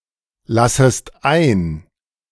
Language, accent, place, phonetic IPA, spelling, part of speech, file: German, Germany, Berlin, [ˌlasəst ˈaɪ̯n], lassest ein, verb, De-lassest ein.ogg
- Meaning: second-person singular subjunctive I of einlassen